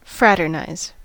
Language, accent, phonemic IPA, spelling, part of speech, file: English, US, /ˈfɹætɚnaɪz/, fraternize, verb, En-us-fraternize.ogg
- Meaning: 1. To associate with others in a brotherly or friendly manner 2. To associate as friends with an enemy, in violation of duty 3. To socialize in confidentiality